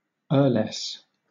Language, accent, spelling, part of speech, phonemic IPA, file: English, Southern England, earless, noun, /ɜːlɛs/, LL-Q1860 (eng)-earless.wav
- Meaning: A countess (a female holder of an earldom or the wife of an earl)